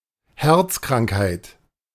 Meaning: heart disease
- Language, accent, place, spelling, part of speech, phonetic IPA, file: German, Germany, Berlin, Herzkrankheit, noun, [ˈhɛʁt͡skʁaŋkhaɪ̯t], De-Herzkrankheit.ogg